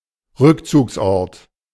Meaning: a haven, a shelter
- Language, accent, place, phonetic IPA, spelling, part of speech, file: German, Germany, Berlin, [ˈʁʏkt͡suːksˌʔɔʁt], Rückzugsort, noun, De-Rückzugsort.ogg